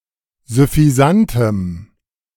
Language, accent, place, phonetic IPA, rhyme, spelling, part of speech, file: German, Germany, Berlin, [zʏfiˈzantəm], -antəm, süffisantem, adjective, De-süffisantem.ogg
- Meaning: strong dative masculine/neuter singular of süffisant